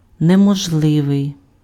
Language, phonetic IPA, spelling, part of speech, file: Ukrainian, [nemɔʒˈɫɪʋei̯], неможливий, adjective, Uk-неможливий.ogg
- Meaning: impossible